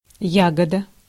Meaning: berry
- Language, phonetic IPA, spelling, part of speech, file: Russian, [ˈjaɡədə], ягода, noun, Ru-ягода.ogg